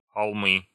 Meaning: nominative/accusative plural of холм (xolm)
- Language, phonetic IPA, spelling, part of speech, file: Russian, [xɐɫˈmɨ], холмы, noun, Ru-холмы.ogg